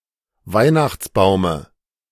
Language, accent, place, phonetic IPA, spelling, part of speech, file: German, Germany, Berlin, [ˈvaɪ̯naxt͡sˌbaʊ̯mə], Weihnachtsbaume, noun, De-Weihnachtsbaume.ogg
- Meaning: dative of Weihnachtsbaum